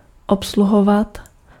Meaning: 1. to serve, wait on, attend to 2. to operate, tend, work
- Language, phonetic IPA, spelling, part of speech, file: Czech, [ˈopsluɦovat], obsluhovat, verb, Cs-obsluhovat.ogg